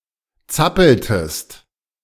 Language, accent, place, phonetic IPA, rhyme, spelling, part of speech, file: German, Germany, Berlin, [ˈt͡sapl̩təst], -apl̩təst, zappeltest, verb, De-zappeltest.ogg
- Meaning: inflection of zappeln: 1. second-person singular preterite 2. second-person singular subjunctive II